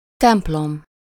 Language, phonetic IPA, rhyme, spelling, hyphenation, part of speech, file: Hungarian, [ˈtɛmplom], -om, templom, temp‧lom, noun, Hu-templom.ogg
- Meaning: 1. church (a house of worship) 2. temple (a building dedicated to cultural values)